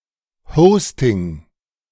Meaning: hosting
- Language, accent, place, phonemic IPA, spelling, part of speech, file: German, Germany, Berlin, /ˈhɔʊ̯stɪŋ/, Hosting, noun, De-Hosting.ogg